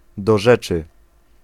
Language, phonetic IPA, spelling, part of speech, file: Polish, [dɔ‿ˈʒɛt͡ʃɨ], do rzeczy, phrase, Pl-do rzeczy.ogg